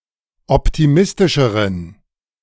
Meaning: inflection of optimistisch: 1. strong genitive masculine/neuter singular comparative degree 2. weak/mixed genitive/dative all-gender singular comparative degree
- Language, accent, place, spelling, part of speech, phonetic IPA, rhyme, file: German, Germany, Berlin, optimistischeren, adjective, [ˌɔptiˈmɪstɪʃəʁən], -ɪstɪʃəʁən, De-optimistischeren.ogg